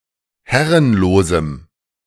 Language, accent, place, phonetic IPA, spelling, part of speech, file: German, Germany, Berlin, [ˈhɛʁənloːzm̩], herrenlosem, adjective, De-herrenlosem.ogg
- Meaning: strong dative masculine/neuter singular of herrenlos